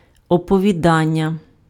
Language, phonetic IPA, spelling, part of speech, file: Ukrainian, [ɔpɔʋʲiˈdanʲːɐ], оповідання, noun, Uk-оповідання.ogg
- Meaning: 1. verbal noun of оповіда́ти impf (opovidáty) 2. narrative, story, tale, account 3. short story